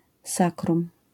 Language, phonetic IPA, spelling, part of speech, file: Polish, [ˈsakrũm], sacrum, noun, LL-Q809 (pol)-sacrum.wav